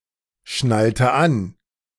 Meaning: inflection of anschnallen: 1. first/third-person singular preterite 2. first/third-person singular subjunctive II
- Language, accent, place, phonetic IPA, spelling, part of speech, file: German, Germany, Berlin, [ˌʃnaltə ˈan], schnallte an, verb, De-schnallte an.ogg